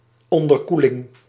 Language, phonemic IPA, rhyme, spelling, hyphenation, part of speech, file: Dutch, /ˌɔn.dərˈku.lɪŋ/, -ulɪŋ, onderkoeling, on‧der‧koe‧ling, noun, Nl-onderkoeling.ogg
- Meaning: 1. hypothermia 2. supercooling